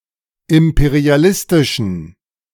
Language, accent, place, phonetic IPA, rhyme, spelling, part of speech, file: German, Germany, Berlin, [ˌɪmpeʁiaˈlɪstɪʃn̩], -ɪstɪʃn̩, imperialistischen, adjective, De-imperialistischen.ogg
- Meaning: inflection of imperialistisch: 1. strong genitive masculine/neuter singular 2. weak/mixed genitive/dative all-gender singular 3. strong/weak/mixed accusative masculine singular 4. strong dative plural